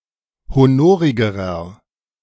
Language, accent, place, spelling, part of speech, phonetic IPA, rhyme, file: German, Germany, Berlin, honorigerer, adjective, [hoˈnoːʁɪɡəʁɐ], -oːʁɪɡəʁɐ, De-honorigerer.ogg
- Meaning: inflection of honorig: 1. strong/mixed nominative masculine singular comparative degree 2. strong genitive/dative feminine singular comparative degree 3. strong genitive plural comparative degree